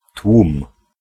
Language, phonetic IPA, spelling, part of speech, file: Polish, [twũm], tłum, noun / verb, Pl-tłum.ogg